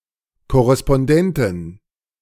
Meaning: plural of Korrespondent
- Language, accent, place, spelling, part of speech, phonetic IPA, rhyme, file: German, Germany, Berlin, Korrespondenten, noun, [kɔʁɛspɔnˈdɛntn̩], -ɛntn̩, De-Korrespondenten.ogg